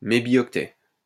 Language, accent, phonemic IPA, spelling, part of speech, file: French, France, /me.bjɔk.tɛ/, mébioctet, noun, LL-Q150 (fra)-mébioctet.wav
- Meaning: mebibyte